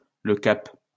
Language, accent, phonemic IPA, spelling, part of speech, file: French, France, /lə kap/, Le Cap, proper noun, LL-Q150 (fra)-Le Cap.wav
- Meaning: Cape Town (a city in South Africa)